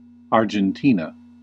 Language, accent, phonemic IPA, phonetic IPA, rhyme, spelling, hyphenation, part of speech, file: English, US, /ɑːɹdʒənˈtiːnə/, [ˌɑɹ.d͡ʒənˈti.nə], -iːnə, Argentina, Ar‧gen‧ti‧na, proper noun, En-us-Argentina.ogg
- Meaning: A country in South America. Official name: Argentine Republic. Capital: Buenos Aires